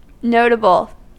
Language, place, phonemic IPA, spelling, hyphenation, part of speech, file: English, California, /ˈnoʊtəbl̩/, notable, no‧ta‧ble, adjective / noun, En-us-notable.ogg
- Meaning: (adjective) 1. Worthy of note; remarkable; memorable; noted or distinguished 2. Easily noted (without connotations of value); clearly noticeable, conspicuous 3. That can be observed; perceptible